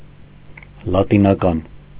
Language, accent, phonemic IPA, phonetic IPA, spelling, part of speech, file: Armenian, Eastern Armenian, /lɑtinɑˈkɑn/, [lɑtinɑkɑ́n], լատինական, adjective, Hy-լատինական.ogg
- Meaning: Latin